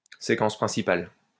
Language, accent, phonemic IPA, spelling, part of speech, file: French, France, /se.kɑ̃s pʁɛ̃.si.pal/, séquence principale, noun, LL-Q150 (fra)-séquence principale.wav
- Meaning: main sequence